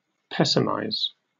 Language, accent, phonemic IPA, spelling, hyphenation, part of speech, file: English, Received Pronunciation, /ˈpɛsɪmaɪz/, pessimize, pes‧sim‧ize, verb, En-uk-pessimize.ogg
- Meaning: To take a pessimistic view of; to speak of in a negative or pessimistic way